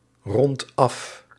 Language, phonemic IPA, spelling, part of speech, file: Dutch, /ˈrɔnt ˈɑf/, rondt af, verb, Nl-rondt af.ogg
- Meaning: inflection of afronden: 1. second/third-person singular present indicative 2. plural imperative